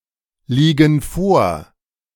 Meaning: inflection of vorliegen: 1. first/third-person plural present 2. first/third-person plural subjunctive I
- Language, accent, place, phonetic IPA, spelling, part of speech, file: German, Germany, Berlin, [ˌliːɡn̩ ˈfoːɐ̯], liegen vor, verb, De-liegen vor.ogg